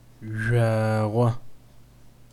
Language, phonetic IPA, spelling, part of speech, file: Adyghe, [ʒʷaːʁʷa], жъуагъо, noun, Zhwarho.ogg
- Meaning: star